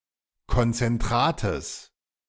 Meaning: genitive singular of Konzentrat
- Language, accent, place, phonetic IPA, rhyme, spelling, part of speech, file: German, Germany, Berlin, [kɔnt͡sɛnˈtʁaːtəs], -aːtəs, Konzentrates, noun, De-Konzentrates.ogg